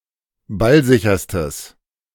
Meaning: strong/mixed nominative/accusative neuter singular superlative degree of ballsicher
- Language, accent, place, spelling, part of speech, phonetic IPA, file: German, Germany, Berlin, ballsicherstes, adjective, [ˈbalˌzɪçɐstəs], De-ballsicherstes.ogg